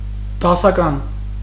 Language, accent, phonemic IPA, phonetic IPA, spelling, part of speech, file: Armenian, Eastern Armenian, /dɑsɑˈkɑn/, [dɑsɑkɑ́n], դասական, adjective, Hy-դասական.ogg
- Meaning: 1. classical, classic 2. ordinal